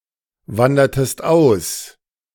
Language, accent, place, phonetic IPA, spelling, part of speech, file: German, Germany, Berlin, [ˌvandɐtəst ˈaʊ̯s], wandertest aus, verb, De-wandertest aus.ogg
- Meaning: inflection of auswandern: 1. second-person singular preterite 2. second-person singular subjunctive II